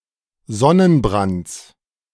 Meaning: genitive singular of Sonnenbrand
- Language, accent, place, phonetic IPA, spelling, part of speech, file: German, Germany, Berlin, [ˈzɔnənˌbʁant͡s], Sonnenbrands, noun, De-Sonnenbrands.ogg